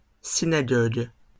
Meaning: plural of synagogue
- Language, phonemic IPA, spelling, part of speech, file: French, /si.na.ɡɔɡ/, synagogues, noun, LL-Q150 (fra)-synagogues.wav